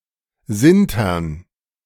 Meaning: to sinter
- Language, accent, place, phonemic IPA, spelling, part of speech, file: German, Germany, Berlin, /ˈzɪntɐn/, sintern, verb, De-sintern.ogg